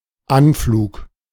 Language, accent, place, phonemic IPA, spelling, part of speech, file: German, Germany, Berlin, /ˈanfluːk/, Anflug, noun, De-Anflug.ogg
- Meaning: approach